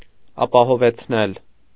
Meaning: causative of ապահովել (apahovel)
- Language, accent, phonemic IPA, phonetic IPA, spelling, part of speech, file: Armenian, Eastern Armenian, /ɑpɑhovet͡sʰˈnel/, [ɑpɑhovet͡sʰnél], ապահովեցնել, verb, Hy-ապահովեցնել.ogg